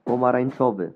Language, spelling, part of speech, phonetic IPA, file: Polish, pomarańczowy, adjective, [ˌpɔ̃marãj̃n͇ˈt͡ʃɔvɨ], Pl-pomarańczowy2.oga